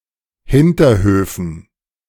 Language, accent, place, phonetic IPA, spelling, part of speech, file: German, Germany, Berlin, [ˈhɪntɐˌhøːfn̩], Hinterhöfen, noun, De-Hinterhöfen.ogg
- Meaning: dative plural of Hinterhof